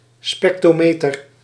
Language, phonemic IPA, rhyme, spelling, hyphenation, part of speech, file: Dutch, /spɛkˈtroː.meː.tər/, -oːmeːtər, spectrometer, spec‧tro‧me‧ter, noun, Nl-spectrometer.ogg
- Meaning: spectrometer (instrument for measuring the absorption of light by chemical substances)